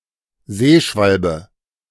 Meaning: tern
- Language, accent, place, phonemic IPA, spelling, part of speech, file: German, Germany, Berlin, /ˈzeːˌʃvalbə/, Seeschwalbe, noun, De-Seeschwalbe.ogg